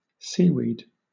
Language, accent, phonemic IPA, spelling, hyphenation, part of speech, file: English, Southern England, /ˈsiːwiːd/, seaweed, sea‧weed, noun, LL-Q1860 (eng)-seaweed.wav
- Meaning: 1. Any of numerous marine algae, such as a kelp 2. Any of various fresh water plants and algae